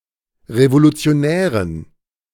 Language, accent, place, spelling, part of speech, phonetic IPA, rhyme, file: German, Germany, Berlin, Revolutionären, noun, [ʁevolut͡si̯oˈnɛːʁən], -ɛːʁən, De-Revolutionären.ogg
- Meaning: dative plural of Revolutionär